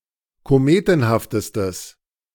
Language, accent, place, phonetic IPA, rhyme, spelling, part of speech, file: German, Germany, Berlin, [koˈmeːtn̩haftəstəs], -eːtn̩haftəstəs, kometenhaftestes, adjective, De-kometenhaftestes.ogg
- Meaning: strong/mixed nominative/accusative neuter singular superlative degree of kometenhaft